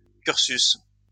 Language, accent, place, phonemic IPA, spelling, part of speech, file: French, France, Lyon, /kyʁ.sys/, cursus, noun, LL-Q150 (fra)-cursus.wav
- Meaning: course (learning program)